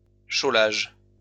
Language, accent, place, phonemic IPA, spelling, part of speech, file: French, France, Lyon, /ʃo.laʒ/, chaulage, noun, LL-Q150 (fra)-chaulage.wav
- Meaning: liming, whitewashing